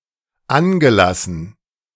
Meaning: past participle of anlassen
- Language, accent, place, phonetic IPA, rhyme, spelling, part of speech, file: German, Germany, Berlin, [ˈanɡəˌlasn̩], -anɡəlasn̩, angelassen, verb, De-angelassen.ogg